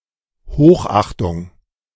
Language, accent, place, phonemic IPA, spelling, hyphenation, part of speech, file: German, Germany, Berlin, /ˈhoːxˌʔaxtʊŋ/, Hochachtung, Hoch‧ach‧tung, noun, De-Hochachtung.ogg
- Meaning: great respect